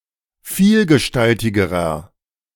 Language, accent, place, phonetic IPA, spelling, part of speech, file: German, Germany, Berlin, [ˈfiːlɡəˌʃtaltɪɡəʁɐ], vielgestaltigerer, adjective, De-vielgestaltigerer.ogg
- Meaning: inflection of vielgestaltig: 1. strong/mixed nominative masculine singular comparative degree 2. strong genitive/dative feminine singular comparative degree